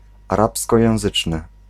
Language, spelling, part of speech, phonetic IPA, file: Polish, arabskojęzyczny, adjective, [aˈrapskɔjɛ̃w̃ˈzɨt͡ʃnɨ], Pl-arabskojęzyczny.ogg